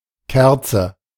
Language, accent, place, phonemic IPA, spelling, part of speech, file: German, Germany, Berlin, /ˈkɛʁtsə/, Kerze, noun, De-Kerze.ogg
- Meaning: candle